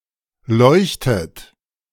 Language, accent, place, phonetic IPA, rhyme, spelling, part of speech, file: German, Germany, Berlin, [ˈlɔɪ̯çtət], -ɔɪ̯çtət, leuchtet, verb, De-leuchtet.ogg
- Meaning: inflection of leuchten: 1. third-person singular present 2. second-person plural present 3. plural imperative 4. second-person plural subjunctive I